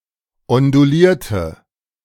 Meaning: inflection of ondulieren: 1. first/third-person singular preterite 2. first/third-person singular subjunctive II
- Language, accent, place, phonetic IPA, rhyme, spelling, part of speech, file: German, Germany, Berlin, [ɔnduˈliːɐ̯tə], -iːɐ̯tə, ondulierte, adjective / verb, De-ondulierte.ogg